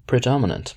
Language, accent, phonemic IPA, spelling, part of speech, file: English, US, /pɹɪˈdɒmɪnənt/, predominant, adjective / noun, En-us-predominant.ogg
- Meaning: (adjective) 1. Common or widespread; prevalent 2. Significant or important; dominant; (noun) A subdominant